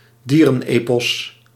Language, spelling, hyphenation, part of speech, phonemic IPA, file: Dutch, dierenepos, die‧ren‧epos, noun, /ˈdiː.rə(n)ˌeː.pɔs/, Nl-dierenepos.ogg
- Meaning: an epic about anthropomorphised animals